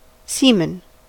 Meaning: A sticky, milky fluid produced in male reproductive organs that contains the reproductive cells
- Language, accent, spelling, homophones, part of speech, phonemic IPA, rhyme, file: English, US, semen, seaman, noun, /ˈsiːmən/, -iːmən, En-us-semen.ogg